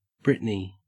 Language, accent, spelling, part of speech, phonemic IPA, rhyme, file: English, Australia, Britney, proper noun / noun, /ˈbɹɪtni/, -ɪtni, En-au-Britney.ogg
- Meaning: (proper noun) A female given name transferred from the place name, variant of Brittany; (noun) A beer